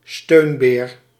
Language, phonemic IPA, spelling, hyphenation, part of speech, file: Dutch, /ˈstøːn.beːr/, steunbeer, steun‧beer, noun, Nl-steunbeer.ogg
- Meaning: buttress